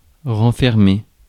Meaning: 1. to lock again, to re-lock 2. to contain, encompass 3. to withdraw into oneself
- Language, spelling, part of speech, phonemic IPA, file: French, renfermer, verb, /ʁɑ̃.fɛʁ.me/, Fr-renfermer.ogg